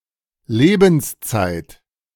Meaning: lifetime
- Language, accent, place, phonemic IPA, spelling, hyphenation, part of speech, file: German, Germany, Berlin, /ˈleːbn̩sˌt͡saɪ̯t/, Lebenszeit, Le‧bens‧zeit, noun, De-Lebenszeit.ogg